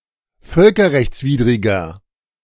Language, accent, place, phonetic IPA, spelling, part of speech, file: German, Germany, Berlin, [ˈfœlkɐʁɛçt͡sˌviːdʁɪɡɐ], völkerrechtswidriger, adjective, De-völkerrechtswidriger.ogg
- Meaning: inflection of völkerrechtswidrig: 1. strong/mixed nominative masculine singular 2. strong genitive/dative feminine singular 3. strong genitive plural